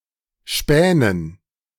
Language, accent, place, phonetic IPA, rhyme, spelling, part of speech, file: German, Germany, Berlin, [ˈʃpɛːnən], -ɛːnən, Spänen, noun, De-Spänen.ogg
- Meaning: dative plural of Span